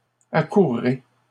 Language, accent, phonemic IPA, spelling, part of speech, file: French, Canada, /a.kuʁ.ʁe/, accourrai, verb, LL-Q150 (fra)-accourrai.wav
- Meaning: first-person singular future of accourir